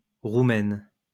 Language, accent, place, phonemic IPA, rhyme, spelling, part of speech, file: French, France, Lyon, /ʁu.mɛn/, -ɛn, Roumaine, noun, LL-Q150 (fra)-Roumaine.wav
- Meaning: female equivalent of Roumain